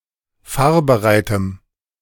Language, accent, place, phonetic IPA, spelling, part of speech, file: German, Germany, Berlin, [ˈfaːɐ̯bəˌʁaɪ̯təm], fahrbereitem, adjective, De-fahrbereitem.ogg
- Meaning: strong dative masculine/neuter singular of fahrbereit